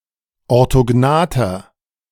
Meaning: inflection of orthognath: 1. strong/mixed nominative masculine singular 2. strong genitive/dative feminine singular 3. strong genitive plural
- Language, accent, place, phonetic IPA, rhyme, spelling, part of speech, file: German, Germany, Berlin, [ɔʁtoˈɡnaːtɐ], -aːtɐ, orthognather, adjective, De-orthognather.ogg